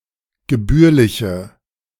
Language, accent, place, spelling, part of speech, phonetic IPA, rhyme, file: German, Germany, Berlin, gebührliche, adjective, [ɡəˈbyːɐ̯lɪçə], -yːɐ̯lɪçə, De-gebührliche.ogg
- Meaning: inflection of gebührlich: 1. strong/mixed nominative/accusative feminine singular 2. strong nominative/accusative plural 3. weak nominative all-gender singular